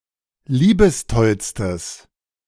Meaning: strong/mixed nominative/accusative neuter singular superlative degree of liebestoll
- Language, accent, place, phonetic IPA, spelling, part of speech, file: German, Germany, Berlin, [ˈliːbəsˌtɔlstəs], liebestollstes, adjective, De-liebestollstes.ogg